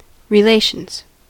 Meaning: plural of relation
- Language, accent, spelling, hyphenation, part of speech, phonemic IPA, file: English, US, relations, re‧la‧tions, noun, /ɹɪˈleɪʃənz/, En-us-relations.ogg